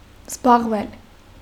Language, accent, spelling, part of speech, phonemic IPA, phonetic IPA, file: Armenian, Eastern Armenian, զբաղվել, verb, /zbɑʁˈvel/, [zbɑʁvél], Hy-զբաղվել.ogg
- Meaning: 1. to do, be busy with; be occupied with, be engaged in; engage in; concern oneself with 2. to occupy oneself with; go in for; devote oneself to 3. to deal with, take upon oneself, take care of